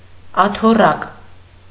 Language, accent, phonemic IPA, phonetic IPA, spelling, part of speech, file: Armenian, Eastern Armenian, /ɑtʰoˈrɑk/, [ɑtʰorɑ́k], աթոռակ, noun, Hy-աթոռակ.ogg
- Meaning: stool, tabouret